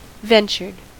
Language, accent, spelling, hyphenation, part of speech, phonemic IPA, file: English, US, ventured, ven‧tured, verb, /ˈvɛn.t͡ʃɚd/, En-us-ventured.ogg
- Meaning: simple past and past participle of venture